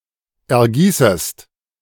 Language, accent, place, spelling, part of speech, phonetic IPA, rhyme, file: German, Germany, Berlin, ergießest, verb, [ɛɐ̯ˈɡiːsəst], -iːsəst, De-ergießest.ogg
- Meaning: second-person singular subjunctive I of ergießen